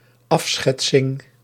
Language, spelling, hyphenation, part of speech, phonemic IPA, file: Dutch, afschetsing, af‧schet‧sing, noun, /ˈɑfˌsxɛt.sɪŋ/, Nl-afschetsing.ogg
- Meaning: depiction, portrayal, in particular as a rough sketch